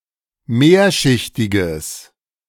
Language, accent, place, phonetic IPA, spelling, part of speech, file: German, Germany, Berlin, [ˈmeːɐ̯ʃɪçtɪɡəs], mehrschichtiges, adjective, De-mehrschichtiges.ogg
- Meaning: strong/mixed nominative/accusative neuter singular of mehrschichtig